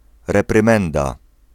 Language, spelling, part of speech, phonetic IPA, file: Polish, reprymenda, noun, [ˌrɛprɨ̃ˈmɛ̃nda], Pl-reprymenda.ogg